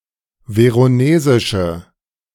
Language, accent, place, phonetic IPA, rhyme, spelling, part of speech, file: German, Germany, Berlin, [ˌveʁoˈneːzɪʃə], -eːzɪʃə, veronesische, adjective, De-veronesische.ogg
- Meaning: inflection of veronesisch: 1. strong/mixed nominative/accusative feminine singular 2. strong nominative/accusative plural 3. weak nominative all-gender singular